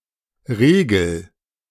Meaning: inflection of regeln: 1. first-person singular present 2. singular imperative
- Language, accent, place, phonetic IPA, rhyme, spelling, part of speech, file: German, Germany, Berlin, [ˈʁeːɡl̩], -eːɡl̩, regel, verb, De-regel.ogg